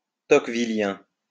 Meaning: Tocquevillian
- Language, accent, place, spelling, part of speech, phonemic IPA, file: French, France, Lyon, tocquevillien, adjective, /tɔk.vi.ljɛ̃/, LL-Q150 (fra)-tocquevillien.wav